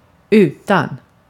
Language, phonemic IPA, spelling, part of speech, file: Swedish, /ˈʉːˌtan/, utan, preposition / conjunction / adverb, Sv-utan.ogg
- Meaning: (preposition) without (not having); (conjunction) but (rather); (adverb) outside